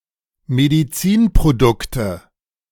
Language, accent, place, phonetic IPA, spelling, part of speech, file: German, Germany, Berlin, [mediˈt͡siːnpʁoˌdʊktə], Medizinprodukte, noun, De-Medizinprodukte.ogg
- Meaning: nominative/accusative/genitive plural of Medizinprodukt